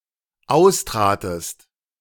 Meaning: second-person singular dependent preterite of austreten
- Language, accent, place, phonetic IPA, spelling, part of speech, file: German, Germany, Berlin, [ˈaʊ̯sˌtʁaːtəst], austratest, verb, De-austratest.ogg